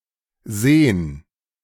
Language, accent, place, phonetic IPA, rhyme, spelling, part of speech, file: German, Germany, Berlin, [zeːn], -eːn, sehn, verb, De-sehn.ogg
- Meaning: alternative form of sehen